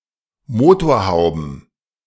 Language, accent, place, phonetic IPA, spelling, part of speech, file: German, Germany, Berlin, [ˈmoːtoːɐ̯ˌhaʊ̯bn̩], Motorhauben, noun, De-Motorhauben.ogg
- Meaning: plural of Motorhaube